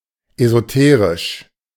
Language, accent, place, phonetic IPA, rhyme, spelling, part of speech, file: German, Germany, Berlin, [ezoˈteːʁɪʃ], -eːʁɪʃ, esoterisch, adjective, De-esoterisch.ogg
- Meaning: esoteric